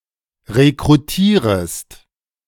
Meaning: second-person singular subjunctive I of rekrutieren
- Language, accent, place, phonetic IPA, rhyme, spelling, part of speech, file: German, Germany, Berlin, [ʁekʁuˈtiːʁəst], -iːʁəst, rekrutierest, verb, De-rekrutierest.ogg